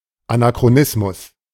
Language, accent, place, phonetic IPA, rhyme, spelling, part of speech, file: German, Germany, Berlin, [anakʁoˈnɪsmʊs], -ɪsmʊs, Anachronismus, noun, De-Anachronismus.ogg
- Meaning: anachronism